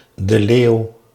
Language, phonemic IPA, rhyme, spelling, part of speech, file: Dutch, /də ˈleːu̯/, -eːu̯, de Leeuw, proper noun, Nl-de Leeuw.ogg
- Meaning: a surname